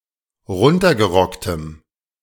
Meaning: strong dative masculine/neuter singular of runtergerockt
- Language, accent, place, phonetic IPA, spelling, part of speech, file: German, Germany, Berlin, [ˈʁʊntɐɡəˌʁɔktəm], runtergerocktem, adjective, De-runtergerocktem.ogg